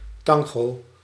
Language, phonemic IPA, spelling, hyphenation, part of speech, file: Dutch, /ˈtɑŋ.ɣoː/, tango, tan‧go, noun, Nl-tango.ogg
- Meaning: tango (Argentine-Uruguayan dance and musical style)